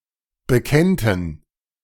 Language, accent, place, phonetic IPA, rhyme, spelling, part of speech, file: German, Germany, Berlin, [bəˈkɛntn̩], -ɛntn̩, bekennten, verb, De-bekennten.ogg
- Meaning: first/third-person plural subjunctive II of bekennen